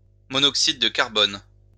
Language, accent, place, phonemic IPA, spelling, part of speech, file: French, France, Lyon, /mɔ.nɔk.sid də kaʁ.bɔn/, monoxyde de carbone, noun, LL-Q150 (fra)-monoxyde de carbone.wav
- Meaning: carbon monoxide (a colourless, odourless, flammable, highly toxic gas)